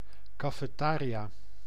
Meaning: 1. small restaurant, cafeteria 2. snack bar
- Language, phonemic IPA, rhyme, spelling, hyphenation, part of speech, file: Dutch, /ˌkaː.feːˈtaː.ri.aː/, -aːriaː, cafetaria, ca‧fe‧ta‧ria, noun, Nl-cafetaria.ogg